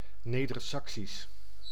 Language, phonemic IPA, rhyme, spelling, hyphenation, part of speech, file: Dutch, /ˌneːdərˈsɑksis/, -is, Nedersaksisch, Ne‧der‧sak‧sisch, adjective / proper noun, Nl-Nedersaksisch.ogg
- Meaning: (adjective) Low Saxon; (proper noun) the Low Saxon language